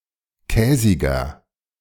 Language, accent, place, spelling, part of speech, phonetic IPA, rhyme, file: German, Germany, Berlin, käsiger, adjective, [ˈkɛːzɪɡɐ], -ɛːzɪɡɐ, De-käsiger.ogg
- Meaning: 1. comparative degree of käsig 2. inflection of käsig: strong/mixed nominative masculine singular 3. inflection of käsig: strong genitive/dative feminine singular